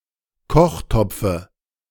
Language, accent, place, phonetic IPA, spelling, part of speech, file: German, Germany, Berlin, [ˈkɔxˌtɔp͡fə], Kochtopfe, noun, De-Kochtopfe.ogg
- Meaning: dative singular of Kochtopf